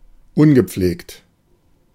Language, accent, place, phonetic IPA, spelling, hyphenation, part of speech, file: German, Germany, Berlin, [ˈʊnɡəˈpfleːkt], ungepflegt, un‧ge‧pflegt, adjective, De-ungepflegt.ogg
- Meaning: unkempt